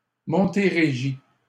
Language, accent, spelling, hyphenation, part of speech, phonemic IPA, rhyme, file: French, Canada, Montérégie, Mon‧té‧ré‧gie, proper noun, /mɔ̃.te.ʁe.ʒi/, -i, LL-Q150 (fra)-Montérégie.wav
- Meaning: an administrative region in southwestern Quebec